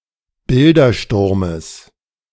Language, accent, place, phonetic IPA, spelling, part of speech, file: German, Germany, Berlin, [ˈbɪldɐˌʃtʊʁməs], Bildersturmes, noun, De-Bildersturmes.ogg
- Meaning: genitive of Bildersturm